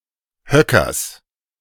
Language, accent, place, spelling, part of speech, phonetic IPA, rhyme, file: German, Germany, Berlin, Höckers, noun, [ˈhœkɐs], -œkɐs, De-Höckers.ogg
- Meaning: genitive singular of Höcker